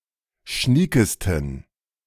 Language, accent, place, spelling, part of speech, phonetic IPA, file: German, Germany, Berlin, schniekesten, adjective, [ˈʃniːkəstn̩], De-schniekesten.ogg
- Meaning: 1. superlative degree of schnieke 2. inflection of schnieke: strong genitive masculine/neuter singular superlative degree